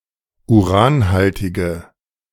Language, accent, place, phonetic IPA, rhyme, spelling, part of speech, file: German, Germany, Berlin, [uˈʁaːnˌhaltɪɡə], -aːnhaltɪɡə, uranhaltige, adjective, De-uranhaltige.ogg
- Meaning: inflection of uranhaltig: 1. strong/mixed nominative/accusative feminine singular 2. strong nominative/accusative plural 3. weak nominative all-gender singular